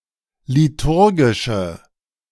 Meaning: inflection of liturgisch: 1. strong/mixed nominative/accusative feminine singular 2. strong nominative/accusative plural 3. weak nominative all-gender singular
- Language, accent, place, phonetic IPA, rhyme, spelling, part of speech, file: German, Germany, Berlin, [liˈtʊʁɡɪʃə], -ʊʁɡɪʃə, liturgische, adjective, De-liturgische.ogg